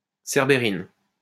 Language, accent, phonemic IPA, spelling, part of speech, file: French, France, /sɛʁ.be.ʁin/, cerbérine, noun, LL-Q150 (fra)-cerbérine.wav
- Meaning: cerberin